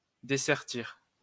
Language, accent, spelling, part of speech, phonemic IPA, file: French, France, dessertir, verb, /de.sɛʁ.tiʁ/, LL-Q150 (fra)-dessertir.wav
- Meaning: to unsocket, to remove (a gem) from its socket on a piece of jewellery